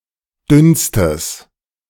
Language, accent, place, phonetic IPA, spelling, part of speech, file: German, Germany, Berlin, [ˈdʏnstəs], dünnstes, adjective, De-dünnstes.ogg
- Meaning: strong/mixed nominative/accusative neuter singular superlative degree of dünn